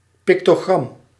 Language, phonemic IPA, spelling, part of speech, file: Dutch, /ˌpɪktoˈɣrɑm/, pictogram, noun, Nl-pictogram.ogg
- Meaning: 1. pictogram 2. icon